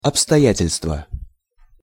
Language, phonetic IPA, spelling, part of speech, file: Russian, [ɐpstɐˈjætʲɪlʲstvə], обстоятельства, noun, Ru-обстоятельства.ogg
- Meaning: inflection of обстоя́тельство (obstojátelʹstvo): 1. genitive singular 2. nominative/accusative plural